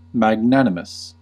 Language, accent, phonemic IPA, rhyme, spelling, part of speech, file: English, US, /mæɡˈnæn.ɪ.məs/, -ænɪməs, magnanimous, adjective, En-us-magnanimous.ogg
- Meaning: Noble and generous in spirit